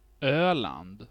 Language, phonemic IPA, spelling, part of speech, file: Swedish, /ˈøːˌland/, Öland, proper noun, Sv-Öland.ogg
- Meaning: 1. Öland; Sweden's second largest island 2. a province (landskap) in Sweden